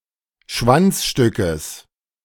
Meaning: genitive singular of Schwanzstück
- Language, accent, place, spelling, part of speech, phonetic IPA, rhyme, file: German, Germany, Berlin, Schwanzstückes, noun, [ˈʃvant͡sˌʃtʏkəs], -ant͡sʃtʏkəs, De-Schwanzstückes.ogg